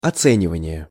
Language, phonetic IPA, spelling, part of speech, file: Russian, [ɐˈt͡sɛnʲɪvənʲɪje], оценивание, noun, Ru-оценивание.ogg
- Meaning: evaluation, assessment (appraisal)